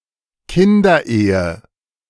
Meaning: child marriage
- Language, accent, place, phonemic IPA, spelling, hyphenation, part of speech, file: German, Germany, Berlin, /ˈkɪndɐˌʔeːə/, Kinderehe, Kin‧der‧ehe, noun, De-Kinderehe.ogg